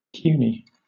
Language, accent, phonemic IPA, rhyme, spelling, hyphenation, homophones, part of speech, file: English, Southern England, /ˈpjuːni/, -uːni, puisne, puis‧ne, puny, adjective / noun, LL-Q1860 (eng)-puisne.wav
- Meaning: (adjective) 1. Younger; junior 2. Insignificant, petty; ineffectual 3. Inferior in rank, as designation of any justice, judge etc. other than the most senior